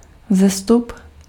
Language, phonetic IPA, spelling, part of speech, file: Czech, [ˈvzɛstup], vzestup, noun, Cs-vzestup.ogg
- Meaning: 1. increase 2. rise (upward movement)